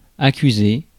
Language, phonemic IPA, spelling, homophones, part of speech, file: French, /a.ky.ze/, accuser, accusai / accusé / accusée / accusées / accusés / accusez, verb, Fr-accuser.ogg
- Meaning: 1. to accuse 2. to find fault with 3. to show; to reveal 4. to acknowledge receipt of something